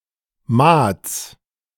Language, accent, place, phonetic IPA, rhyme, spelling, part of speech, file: German, Germany, Berlin, [maːt͡s], -aːt͡s, Maats, noun, De-Maats.ogg
- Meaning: genitive singular of Maat